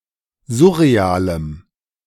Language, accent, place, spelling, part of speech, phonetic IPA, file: German, Germany, Berlin, surrealem, adjective, [ˈzʊʁeˌaːləm], De-surrealem.ogg
- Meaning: strong dative masculine/neuter singular of surreal